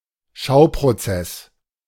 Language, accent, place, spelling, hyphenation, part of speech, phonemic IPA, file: German, Germany, Berlin, Schauprozess, Schau‧pro‧zess, noun, /ˈʃaʊ̯pʁoˌt͡sɛs/, De-Schauprozess.ogg
- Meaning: show trial (a trial held for appearance's sake, but for which the verdict is predetermined)